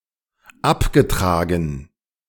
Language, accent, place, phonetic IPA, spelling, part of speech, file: German, Germany, Berlin, [ˈapɡəˌtʁaːɡn̩], abgetragen, adjective / verb, De-abgetragen.ogg
- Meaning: past participle of abtragen